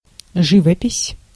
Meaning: 1. painting 2. pictures, paintings
- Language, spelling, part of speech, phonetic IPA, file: Russian, живопись, noun, [ˈʐɨvəpʲɪsʲ], Ru-живопись.ogg